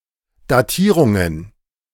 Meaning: plural of Datierung
- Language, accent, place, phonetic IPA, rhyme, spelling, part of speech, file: German, Germany, Berlin, [daˈtiːʁʊŋən], -iːʁʊŋən, Datierungen, noun, De-Datierungen.ogg